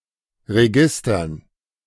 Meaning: dative plural of Register
- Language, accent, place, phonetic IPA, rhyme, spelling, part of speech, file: German, Germany, Berlin, [ʁeˈɡɪstɐn], -ɪstɐn, Registern, noun, De-Registern.ogg